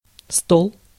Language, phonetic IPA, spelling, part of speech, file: Russian, [stoɫ], стол, noun, Ru-стол.ogg
- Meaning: 1. table 2. board, fare, cuisine 3. department, section, office, bureau 4. throne (also figuratively) 5. pad